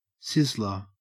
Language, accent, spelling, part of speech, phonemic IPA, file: English, Australia, sizzler, noun, /ˈsɪzləɹ/, En-au-sizzler.ogg
- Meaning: 1. One who, or that which, sizzles 2. A person who is very sexually attractive 3. An Indian dish of meat and vegetables served sizzling on a hot plate 4. A very hot day